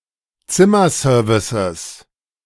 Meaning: 1. genitive singular of Zimmerservice 2. plural of Zimmerservice
- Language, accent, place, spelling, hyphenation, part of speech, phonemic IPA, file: German, Germany, Berlin, Zimmerservices, Zim‧mer‧ser‧vi‧ces, noun, /ˈt͡sɪmɐˌsœːɐ̯vɪsəs/, De-Zimmerservices.ogg